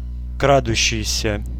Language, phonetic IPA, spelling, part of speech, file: Russian, [krɐˈduɕːɪjsʲə], крадущийся, verb, Ru-крадущийся.ogg
- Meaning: present active imperfective participle of кра́сться (krástʹsja)